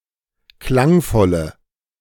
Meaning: inflection of klangvoll: 1. strong/mixed nominative/accusative feminine singular 2. strong nominative/accusative plural 3. weak nominative all-gender singular
- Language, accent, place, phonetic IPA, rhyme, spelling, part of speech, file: German, Germany, Berlin, [ˈklaŋˌfɔlə], -aŋfɔlə, klangvolle, adjective, De-klangvolle.ogg